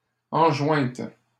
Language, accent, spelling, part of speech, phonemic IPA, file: French, Canada, enjointes, verb, /ɑ̃.ʒwɛ̃t/, LL-Q150 (fra)-enjointes.wav
- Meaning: feminine plural of enjoint